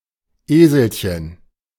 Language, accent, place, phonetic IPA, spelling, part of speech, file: German, Germany, Berlin, [ˈeːzl̩çən], Eselchen, noun, De-Eselchen.ogg
- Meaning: diminutive of Esel